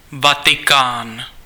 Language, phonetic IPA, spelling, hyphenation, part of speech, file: Czech, [ˈvatɪkaːn], Vatikán, Va‧ti‧kán, proper noun, Cs-Vatikán.ogg
- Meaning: Vatican City (a city-state in Southern Europe, an enclave within the city of Rome, Italy; official name: Městský stát Vatikán)